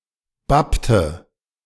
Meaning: inflection of bappen: 1. first/third-person singular preterite 2. first/third-person singular subjunctive II
- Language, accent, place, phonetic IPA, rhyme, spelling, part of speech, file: German, Germany, Berlin, [ˈbaptə], -aptə, bappte, verb, De-bappte.ogg